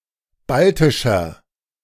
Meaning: inflection of baltisch: 1. strong/mixed nominative masculine singular 2. strong genitive/dative feminine singular 3. strong genitive plural
- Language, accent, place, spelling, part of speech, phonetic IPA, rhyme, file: German, Germany, Berlin, baltischer, adjective, [ˈbaltɪʃɐ], -altɪʃɐ, De-baltischer.ogg